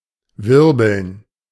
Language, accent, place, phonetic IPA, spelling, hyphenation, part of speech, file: German, Germany, Berlin, [ˈvɪʁbl̩n], wirbeln, wir‧beln, verb, De-wirbeln.ogg
- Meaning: 1. to swirl, to whirl 2. to move by some current, to blow, to fling, to throw 3. to roll (of a drum)